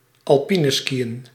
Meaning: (verb) to do alpine skiing; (noun) alpine skiing
- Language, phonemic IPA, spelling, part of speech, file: Dutch, /ɑlˈpinəskiə(n)/, alpineskiën, verb / noun, Nl-alpineskiën.ogg